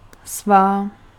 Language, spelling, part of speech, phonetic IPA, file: Czech, svá, pronoun, [ˈsvaː], Cs-svá.ogg
- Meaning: inflection of svůj: 1. feminine nominative/vocative singular 2. neuter nominative/accusative/vocative plural